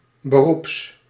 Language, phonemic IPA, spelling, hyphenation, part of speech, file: Dutch, /bəˈrups/, beroeps, be‧roeps, noun / adjective, Nl-beroeps.ogg
- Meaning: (noun) a professional, one who does something for a living; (adjective) professional